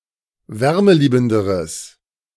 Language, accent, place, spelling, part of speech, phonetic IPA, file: German, Germany, Berlin, wärmeliebenderes, adjective, [ˈvɛʁməˌliːbn̩dəʁəs], De-wärmeliebenderes.ogg
- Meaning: strong/mixed nominative/accusative neuter singular comparative degree of wärmeliebend